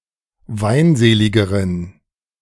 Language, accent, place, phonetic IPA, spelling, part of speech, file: German, Germany, Berlin, [ˈvaɪ̯nˌzeːlɪɡəʁən], weinseligeren, adjective, De-weinseligeren.ogg
- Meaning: inflection of weinselig: 1. strong genitive masculine/neuter singular comparative degree 2. weak/mixed genitive/dative all-gender singular comparative degree